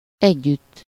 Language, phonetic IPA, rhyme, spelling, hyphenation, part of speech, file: Hungarian, [ˈɛɟːytː], -ytː, együtt, együtt, adverb / postposition, Hu-együtt.ogg
- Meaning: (adverb) together, with, in the company of (-val/-vel); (postposition) together with, with (-val/-vel)